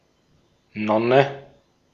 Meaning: 1. nun 2. nun moth
- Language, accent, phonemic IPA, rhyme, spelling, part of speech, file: German, Austria, /ˈnɔnə/, -ɔnə, Nonne, noun, De-at-Nonne.ogg